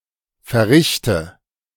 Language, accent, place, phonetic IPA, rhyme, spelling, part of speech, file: German, Germany, Berlin, [fɛɐ̯ˈʁɪçtə], -ɪçtə, verrichte, verb, De-verrichte.ogg
- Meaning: inflection of verrichten: 1. first-person singular present 2. first/third-person singular subjunctive I 3. singular imperative